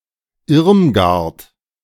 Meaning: a female given name of formerly popular usage, equivalent to English Ermengarde
- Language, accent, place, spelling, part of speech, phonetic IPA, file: German, Germany, Berlin, Irmgard, proper noun, [ˈɪʁmɡaʁt], De-Irmgard.ogg